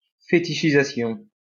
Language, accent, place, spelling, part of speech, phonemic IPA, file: French, France, Lyon, fétichisation, noun, /fe.ti.ʃi.za.sjɔ̃/, LL-Q150 (fra)-fétichisation.wav
- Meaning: fetishization